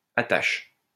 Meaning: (noun) Fastener; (verb) inflection of attacher: 1. first/third-person singular present indicative/subjunctive 2. second-person singular imperative
- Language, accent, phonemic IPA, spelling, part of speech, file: French, France, /a.taʃ/, attache, noun / verb, LL-Q150 (fra)-attache.wav